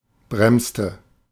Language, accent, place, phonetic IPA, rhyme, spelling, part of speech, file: German, Germany, Berlin, [ˈbʁɛmstə], -ɛmstə, bremste, verb, De-bremste.ogg
- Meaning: inflection of bremsen: 1. first/third-person singular preterite 2. first/third-person singular subjunctive II